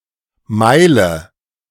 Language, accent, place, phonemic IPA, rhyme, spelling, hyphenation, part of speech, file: German, Germany, Berlin, /ˈmaɪ̯lə/, -aɪ̯lə, Meile, Mei‧le, noun, De-Meile.ogg
- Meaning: mile (unit of distance): 1. ellipsis of Seemeile: nautical mile (≈ 1.9 km) 2. international mile (≈ 1.6 km) 3. any of various units used before metrification, especially: the Roman mile (≈ 1.5 km)